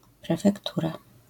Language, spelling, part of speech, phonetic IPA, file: Polish, prefektura, noun, [ˌprɛfɛkˈtura], LL-Q809 (pol)-prefektura.wav